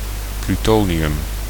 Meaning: plutonium
- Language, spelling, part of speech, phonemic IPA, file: Dutch, plutonium, noun, /plyˈtoniˌjʏm/, Nl-plutonium.ogg